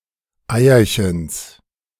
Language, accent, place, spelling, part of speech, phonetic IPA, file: German, Germany, Berlin, Eierchens, noun, [ˈaɪ̯ɐçəns], De-Eierchens.ogg
- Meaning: genitive singular of Eierchen